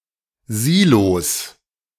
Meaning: 1. plural of Silo 2. genitive singular of Silo
- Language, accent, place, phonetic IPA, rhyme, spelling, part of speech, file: German, Germany, Berlin, [ˈziːlos], -iːlos, Silos, noun, De-Silos.ogg